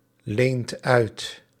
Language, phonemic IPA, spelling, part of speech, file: Dutch, /ˈlent ˈœyt/, leent uit, verb, Nl-leent uit.ogg
- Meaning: inflection of uitlenen: 1. second/third-person singular present indicative 2. plural imperative